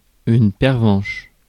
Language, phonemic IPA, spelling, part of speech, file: French, /pɛʁ.vɑ̃ʃ/, pervenche, noun, Fr-pervenche.ogg
- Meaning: 1. periwinkle 2. female traffic warden, meter maid (US)